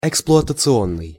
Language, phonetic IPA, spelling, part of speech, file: Russian, [ɪkspɫʊətət͡sɨˈonːɨj], эксплуатационный, adjective, Ru-эксплуатационный.ogg
- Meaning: 1. operation 2. operational, working 3. exploitative